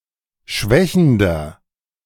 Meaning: inflection of schwächend: 1. strong/mixed nominative masculine singular 2. strong genitive/dative feminine singular 3. strong genitive plural
- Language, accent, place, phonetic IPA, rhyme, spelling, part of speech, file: German, Germany, Berlin, [ˈʃvɛçn̩dɐ], -ɛçn̩dɐ, schwächender, adjective, De-schwächender.ogg